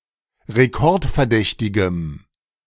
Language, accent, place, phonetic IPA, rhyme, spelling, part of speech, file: German, Germany, Berlin, [ʁeˈkɔʁtfɛɐ̯ˌdɛçtɪɡəm], -ɔʁtfɛɐ̯dɛçtɪɡəm, rekordverdächtigem, adjective, De-rekordverdächtigem.ogg
- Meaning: strong dative masculine/neuter singular of rekordverdächtig